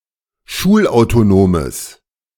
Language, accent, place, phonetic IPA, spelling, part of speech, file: German, Germany, Berlin, [ˈʃuːlʔaʊ̯toˌnoːməs], schulautonomes, adjective, De-schulautonomes.ogg
- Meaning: strong/mixed nominative/accusative neuter singular of schulautonom